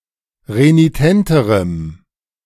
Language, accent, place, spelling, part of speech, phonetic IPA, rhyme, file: German, Germany, Berlin, renitenterem, adjective, [ʁeniˈtɛntəʁəm], -ɛntəʁəm, De-renitenterem.ogg
- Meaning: strong dative masculine/neuter singular comparative degree of renitent